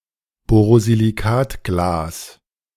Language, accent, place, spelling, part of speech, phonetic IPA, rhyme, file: German, Germany, Berlin, Borosilikatglas, noun, [ˌboːʁoziliˈkaːtɡlaːs], -aːtɡlaːs, De-Borosilikatglas.ogg
- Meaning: borosilicate glass